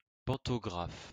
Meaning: 1. pantograph (mechanical drawing aid) 2. pantograph (rail transport: device for collecting electrical current)
- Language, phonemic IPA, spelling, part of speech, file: French, /pɑ̃.tɔ.ɡʁaf/, pantographe, noun, LL-Q150 (fra)-pantographe.wav